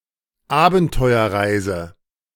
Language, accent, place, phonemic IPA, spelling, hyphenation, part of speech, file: German, Germany, Berlin, /ˈaːbn̩tɔɪ̯ɐˌʁaɪ̯zə/, Abenteuerreise, Aben‧teu‧er‧rei‧se, noun, De-Abenteuerreise.ogg
- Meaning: adventure tourism